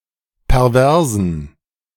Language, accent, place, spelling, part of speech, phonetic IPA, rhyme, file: German, Germany, Berlin, perversen, adjective, [pɛʁˈvɛʁzn̩], -ɛʁzn̩, De-perversen.ogg
- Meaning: inflection of pervers: 1. strong genitive masculine/neuter singular 2. weak/mixed genitive/dative all-gender singular 3. strong/weak/mixed accusative masculine singular 4. strong dative plural